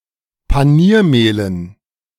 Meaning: dative plural of Paniermehl
- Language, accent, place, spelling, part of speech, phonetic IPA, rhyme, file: German, Germany, Berlin, Paniermehlen, noun, [paˈniːɐ̯ˌmeːlən], -iːɐ̯meːlən, De-Paniermehlen.ogg